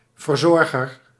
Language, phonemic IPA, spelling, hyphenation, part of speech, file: Dutch, /vərˈzɔr.ɣər/, verzorger, ver‧zor‧ger, noun, Nl-verzorger.ogg
- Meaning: caretaker (e.g. of animals in a zoo)